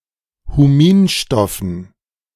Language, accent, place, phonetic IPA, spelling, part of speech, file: German, Germany, Berlin, [huˈmiːnˌʃtɔfn̩], Huminstoffen, noun, De-Huminstoffen.ogg
- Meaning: dative plural of Huminstoff